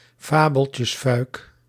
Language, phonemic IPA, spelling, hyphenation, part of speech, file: Dutch, /ˈfaː.bəl.tjəsˌfœy̯k/, fabeltjesfuik, fa‧bel‧tjes‧fuik, noun, Nl-fabeltjesfuik.ogg